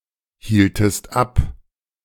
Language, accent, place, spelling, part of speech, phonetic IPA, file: German, Germany, Berlin, hieltest ab, verb, [ˌhiːltəst ˈap], De-hieltest ab.ogg
- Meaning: inflection of abhalten: 1. second-person singular preterite 2. second-person singular subjunctive II